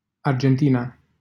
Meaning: Argentina (a country in South America)
- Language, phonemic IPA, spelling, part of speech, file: Romanian, /ɑr.dʒenˈti.na/, Argentina, proper noun, LL-Q7913 (ron)-Argentina.wav